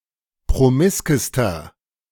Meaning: inflection of promisk: 1. strong/mixed nominative masculine singular superlative degree 2. strong genitive/dative feminine singular superlative degree 3. strong genitive plural superlative degree
- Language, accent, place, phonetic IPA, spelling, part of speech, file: German, Germany, Berlin, [pʁoˈmɪskəstɐ], promiskester, adjective, De-promiskester.ogg